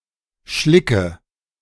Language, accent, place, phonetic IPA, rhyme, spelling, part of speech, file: German, Germany, Berlin, [ˈʃlɪkə], -ɪkə, Schlicke, noun, De-Schlicke.ogg
- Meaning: nominative/accusative/genitive plural of Schlick